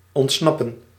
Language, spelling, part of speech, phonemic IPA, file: Dutch, ontsnappen, verb, /ˌɔntˈsnɑ.pə(n)/, Nl-ontsnappen.ogg
- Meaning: to escape